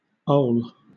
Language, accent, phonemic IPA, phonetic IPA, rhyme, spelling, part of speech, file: English, Southern England, /əʊl/, [oʊl], -əʊl, ole, adjective, LL-Q1860 (eng)-ole.wav
- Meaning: Pronunciation spelling of old